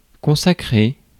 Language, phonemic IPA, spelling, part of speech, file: French, /kɔ̃.sa.kʁe/, consacrer, verb, Fr-consacrer.ogg
- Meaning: 1. to dedicate, to devote (time, effort) 2. to consecrate 3. to standardize through long usage